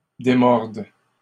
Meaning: third-person plural present indicative/subjunctive of démordre
- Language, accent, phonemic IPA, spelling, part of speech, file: French, Canada, /de.mɔʁd/, démordent, verb, LL-Q150 (fra)-démordent.wav